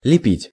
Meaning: 1. to model, to sculpt, to fashion, to shape 2. to build, to make (cells, a nest, etc.) 3. to stick on 4. to slap, to smack 5. to babble
- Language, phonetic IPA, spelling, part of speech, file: Russian, [lʲɪˈpʲitʲ], лепить, verb, Ru-лепить.ogg